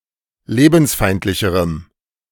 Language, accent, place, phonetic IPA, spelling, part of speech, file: German, Germany, Berlin, [ˈleːbn̩sˌfaɪ̯ntlɪçəʁəm], lebensfeindlicherem, adjective, De-lebensfeindlicherem.ogg
- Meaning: strong dative masculine/neuter singular comparative degree of lebensfeindlich